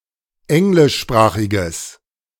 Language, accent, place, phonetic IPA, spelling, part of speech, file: German, Germany, Berlin, [ˈɛŋlɪʃˌʃpʁaːxɪɡəs], englischsprachiges, adjective, De-englischsprachiges.ogg
- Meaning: strong/mixed nominative/accusative neuter singular of englischsprachig